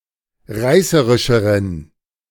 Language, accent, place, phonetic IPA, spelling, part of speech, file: German, Germany, Berlin, [ˈʁaɪ̯səʁɪʃəʁən], reißerischeren, adjective, De-reißerischeren.ogg
- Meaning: inflection of reißerisch: 1. strong genitive masculine/neuter singular comparative degree 2. weak/mixed genitive/dative all-gender singular comparative degree